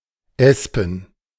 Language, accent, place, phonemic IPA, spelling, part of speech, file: German, Germany, Berlin, /ˈɛspən/, espen, adjective, De-espen.ogg
- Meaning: aspen (made of aspen wood)